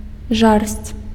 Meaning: passion
- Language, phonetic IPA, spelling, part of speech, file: Belarusian, [ʐarsʲt͡sʲ], жарсць, noun, Be-жарсць.ogg